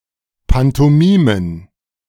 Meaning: plural of Pantomime
- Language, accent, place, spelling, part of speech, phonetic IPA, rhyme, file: German, Germany, Berlin, Pantomimen, noun, [ˌpantoˈmiːmən], -iːmən, De-Pantomimen.ogg